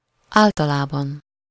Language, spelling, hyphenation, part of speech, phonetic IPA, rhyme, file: Hungarian, általában, ál‧ta‧lá‧ban, adverb, [ˈaːltɒlaːbɒn], -ɒn, Hu-általában.ogg
- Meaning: in general, generally, usually